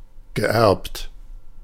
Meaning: past participle of erben
- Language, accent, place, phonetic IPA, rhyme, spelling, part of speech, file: German, Germany, Berlin, [ɡəˈʔɛʁpt], -ɛʁpt, geerbt, verb, De-geerbt.ogg